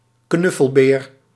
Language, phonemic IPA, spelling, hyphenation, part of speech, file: Dutch, /ˈknʏ.fəlˌbeːr/, knuffelbeer, knuf‧fel‧beer, noun, Nl-knuffelbeer.ogg
- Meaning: teddy bear